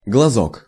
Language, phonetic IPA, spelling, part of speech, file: Russian, [ɡɫɐˈzok], глазок, noun, Ru-глазок.ogg
- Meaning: 1. diminutive of глаз (glaz): little eye 2. eye spot, globule 3. reproductive bud on a vegetable 4. (in rural areas) kidney-shaped scion cut from a plant and grafted onto rootstock